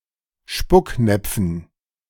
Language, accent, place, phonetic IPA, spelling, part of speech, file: German, Germany, Berlin, [ˈʃpʊkˌnɛp͡fn̩], Spucknäpfen, noun, De-Spucknäpfen.ogg
- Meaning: dative plural of Spucknapf